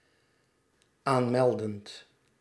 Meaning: present participle of aanmelden
- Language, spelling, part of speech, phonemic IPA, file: Dutch, aanmeldend, verb, /ˈanmɛldənt/, Nl-aanmeldend.ogg